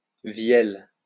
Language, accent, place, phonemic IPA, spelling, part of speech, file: French, France, Lyon, /vjɛl/, vielle, noun / verb, LL-Q150 (fra)-vielle.wav
- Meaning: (noun) vielle, hurdy-gurdy; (verb) inflection of vieller: 1. first/third-person singular present indicative/subjunctive 2. second-person singular imperative